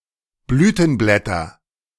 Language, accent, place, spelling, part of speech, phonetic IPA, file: German, Germany, Berlin, Blütenblätter, noun, [ˈblyːtn̩ˌblɛtɐ], De-Blütenblätter.ogg
- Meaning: nominative/accusative/genitive plural of Blütenblatt